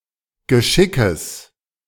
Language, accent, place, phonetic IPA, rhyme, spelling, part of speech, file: German, Germany, Berlin, [ɡəˈʃɪkəs], -ɪkəs, Geschickes, noun, De-Geschickes.ogg
- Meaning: genitive singular of Geschick